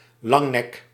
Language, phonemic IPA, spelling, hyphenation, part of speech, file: Dutch, /ˈlɑŋ.nɛk/, langnek, lang‧nek, noun, Nl-langnek.ogg
- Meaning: 1. giraffe 2. long-necked dinosaur, usually referring to sauropods